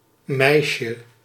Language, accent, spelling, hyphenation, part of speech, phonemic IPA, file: Dutch, Netherlands, meisje, meis‧je, noun, /ˈmɛi̯.ʃə/, Nl-meisje.ogg
- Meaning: 1. diminutive of meid 2. girl (especially of a premature age) 3. girlfriend